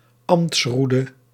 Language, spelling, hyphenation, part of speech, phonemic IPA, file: Dutch, ambtsroede, ambts‧roe‧de, noun, /ˈɑm(p)tsˌru.də/, Nl-ambtsroede.ogg
- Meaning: rod of office, a rod-shaped attribute symbolizing an official dignity